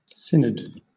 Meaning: An ecclesiastic council or meeting to consult on church matters
- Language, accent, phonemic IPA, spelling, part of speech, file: English, Southern England, /ˈsɪn.əd/, synod, noun, LL-Q1860 (eng)-synod.wav